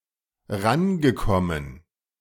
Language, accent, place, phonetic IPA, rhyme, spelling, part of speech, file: German, Germany, Berlin, [ˈʁanɡəˌkɔmən], -anɡəkɔmən, rangekommen, verb, De-rangekommen.ogg
- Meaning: past participle of rankommen